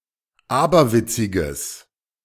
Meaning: strong/mixed nominative/accusative neuter singular of aberwitzig
- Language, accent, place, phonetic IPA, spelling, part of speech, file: German, Germany, Berlin, [ˈaːbɐˌvɪt͡sɪɡəs], aberwitziges, adjective, De-aberwitziges.ogg